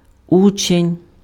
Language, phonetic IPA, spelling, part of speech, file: Ukrainian, [ˈut͡ʃenʲ], учень, noun, Uk-учень.ogg
- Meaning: 1. pupil, student 2. disciple (active follower or adherent of someone)